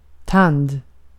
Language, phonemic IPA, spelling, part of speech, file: Swedish, /ˈtand/, tand, noun, Sv-tand.ogg
- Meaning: 1. a tooth (in the mouth) 2. a tooth (on a saw) 3. a tooth, a dent, a cog (on a gearwheel or cogwheel) 4. a tine, a prong (on a fork or comb or similar)